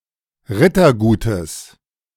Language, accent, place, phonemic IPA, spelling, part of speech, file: German, Germany, Berlin, /ˈʁɪtɐˌɡuːtəs/, Rittergutes, noun, De-Rittergutes.ogg
- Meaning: genitive singular of Rittergut